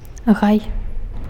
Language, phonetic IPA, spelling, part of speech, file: Belarusian, [ɣaj], гай, noun, Be-гай.ogg
- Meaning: grove (a medium sized collection of trees)